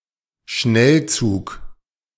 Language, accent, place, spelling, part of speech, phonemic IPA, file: German, Germany, Berlin, Schnellzug, noun, /ˈʃnɛlˌt͡suːk/, De-Schnellzug.ogg
- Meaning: express train